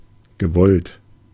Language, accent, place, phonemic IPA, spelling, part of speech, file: German, Germany, Berlin, /ɡəˈvɔlt/, gewollt, verb / adjective, De-gewollt.ogg
- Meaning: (verb) past participle of wollen; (adjective) 1. deliberate; intentional; intended 2. contrived; unnatural; awkward; cheesy